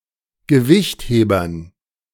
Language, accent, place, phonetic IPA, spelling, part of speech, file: German, Germany, Berlin, [ɡəˈvɪçtˌheːbɐn], Gewichthebern, noun, De-Gewichthebern.ogg
- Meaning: dative plural of Gewichtheber